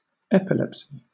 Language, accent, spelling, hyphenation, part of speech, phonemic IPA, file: English, Southern England, epilepsy, ep‧i‧lep‧sy, noun, /ˈɛpɪlɛpsi/, LL-Q1860 (eng)-epilepsy.wav
- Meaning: A medical condition in which the sufferer experiences seizures (or convulsions) and blackouts